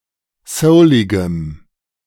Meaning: strong dative masculine/neuter singular of soulig
- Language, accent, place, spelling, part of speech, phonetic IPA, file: German, Germany, Berlin, souligem, adjective, [ˈsəʊlɪɡəm], De-souligem.ogg